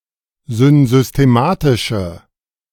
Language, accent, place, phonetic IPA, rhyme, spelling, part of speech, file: German, Germany, Berlin, [zʏnzʏsteˈmaːtɪʃə], -aːtɪʃə, synsystematische, adjective, De-synsystematische.ogg
- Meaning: inflection of synsystematisch: 1. strong/mixed nominative/accusative feminine singular 2. strong nominative/accusative plural 3. weak nominative all-gender singular